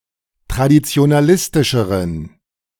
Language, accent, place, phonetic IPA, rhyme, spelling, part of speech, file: German, Germany, Berlin, [tʁadit͡si̯onaˈlɪstɪʃəʁən], -ɪstɪʃəʁən, traditionalistischeren, adjective, De-traditionalistischeren.ogg
- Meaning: inflection of traditionalistisch: 1. strong genitive masculine/neuter singular comparative degree 2. weak/mixed genitive/dative all-gender singular comparative degree